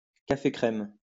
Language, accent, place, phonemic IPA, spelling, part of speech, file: French, France, Lyon, /ka.fe kʁɛm/, café crème, noun, LL-Q150 (fra)-café crème.wav
- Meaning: coffee with cream